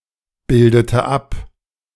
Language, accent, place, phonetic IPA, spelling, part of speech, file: German, Germany, Berlin, [ˌbɪldətə ˈap], bildete ab, verb, De-bildete ab.ogg
- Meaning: inflection of abbilden: 1. first/third-person singular preterite 2. first/third-person singular subjunctive II